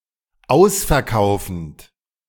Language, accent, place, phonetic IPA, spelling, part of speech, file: German, Germany, Berlin, [ˈaʊ̯sfɛɐ̯ˌkaʊ̯fn̩t], ausverkaufend, verb, De-ausverkaufend.ogg
- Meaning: present participle of ausverkaufen